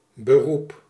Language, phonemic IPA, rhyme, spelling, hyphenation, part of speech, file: Dutch, /bəˈrup/, -up, beroep, be‧roep, noun, Nl-beroep.ogg
- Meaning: 1. profession, vocation 2. appeal (act of invoking or appealing to something or someone, notably a higher jurisdiction) 3. appeal 4. an invitation to ministry in a particular parish or congregation